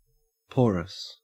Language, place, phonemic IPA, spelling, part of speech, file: English, Queensland, /ˈpoːɹəs/, porous, adjective, En-au-porous.ogg
- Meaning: 1. Full of tiny pores that allow fluids or gasses to pass through 2. With many gaps or loopholes